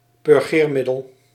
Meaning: a purgative
- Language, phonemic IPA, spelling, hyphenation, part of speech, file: Dutch, /pʏrˈɣeːrˌmɪ.dəl/, purgeermiddel, pur‧geer‧mid‧del, noun, Nl-purgeermiddel.ogg